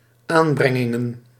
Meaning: plural of aanbrenging
- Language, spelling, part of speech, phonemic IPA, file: Dutch, aanbrengingen, noun, /ˈambrɛŋɪŋə(n)/, Nl-aanbrengingen.ogg